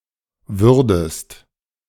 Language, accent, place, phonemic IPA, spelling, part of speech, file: German, Germany, Berlin, /ˈvʏʁdəst/, würdest, verb, De-würdest.ogg
- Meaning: second-person singular subjunctive II of werden